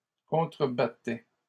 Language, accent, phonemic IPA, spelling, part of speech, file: French, Canada, /kɔ̃.tʁə.ba.tɛ/, contrebattait, verb, LL-Q150 (fra)-contrebattait.wav
- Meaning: third-person singular imperfect indicative of contrebattre